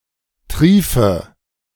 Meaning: inflection of triefen: 1. first-person singular present 2. first/third-person singular subjunctive I 3. singular imperative
- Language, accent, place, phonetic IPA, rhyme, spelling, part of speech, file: German, Germany, Berlin, [ˈtʁiːfə], -iːfə, triefe, verb, De-triefe.ogg